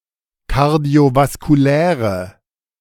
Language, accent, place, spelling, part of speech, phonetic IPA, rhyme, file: German, Germany, Berlin, kardiovaskuläre, adjective, [kaʁdi̯ovaskuˈlɛːʁə], -ɛːʁə, De-kardiovaskuläre.ogg
- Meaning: inflection of kardiovaskulär: 1. strong/mixed nominative/accusative feminine singular 2. strong nominative/accusative plural 3. weak nominative all-gender singular